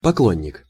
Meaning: 1. admirer 2. fan, groupie 3. worshipper
- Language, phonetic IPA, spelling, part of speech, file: Russian, [pɐˈkɫonʲːɪk], поклонник, noun, Ru-поклонник.ogg